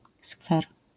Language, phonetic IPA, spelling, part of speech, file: Polish, [skfɛr], skwer, noun, LL-Q809 (pol)-skwer.wav